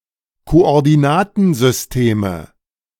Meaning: nominative/accusative/genitive plural of Koordinatensystem
- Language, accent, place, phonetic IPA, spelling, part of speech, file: German, Germany, Berlin, [koʔɔʁdiˈnaːtn̩zʏsˌteːmə], Koordinatensysteme, noun, De-Koordinatensysteme.ogg